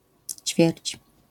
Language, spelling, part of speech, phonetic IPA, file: Polish, ćwierć, noun, [t͡ɕfʲjɛrʲt͡ɕ], LL-Q809 (pol)-ćwierć.wav